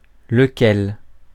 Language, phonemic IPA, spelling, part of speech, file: French, /lə.kɛl/, lequel, pronoun, Fr-lequel.ogg
- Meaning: 1. which, that, whom 2. which one